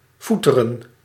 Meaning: to grumble, complain
- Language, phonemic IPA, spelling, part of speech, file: Dutch, /ˈfu.tə.rə(n)/, foeteren, verb, Nl-foeteren.ogg